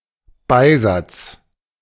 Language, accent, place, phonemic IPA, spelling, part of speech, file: German, Germany, Berlin, /ˈbaɪ̯ˌzat͡s/, Beisatz, noun, De-Beisatz.ogg
- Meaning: apposition